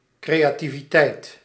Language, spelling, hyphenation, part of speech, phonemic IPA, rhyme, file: Dutch, creativiteit, cre‧a‧ti‧vi‧teit, noun, /ˌkreːjaːtiviˈtɛi̯t/, -ɛi̯t, Nl-creativiteit.ogg
- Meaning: creativity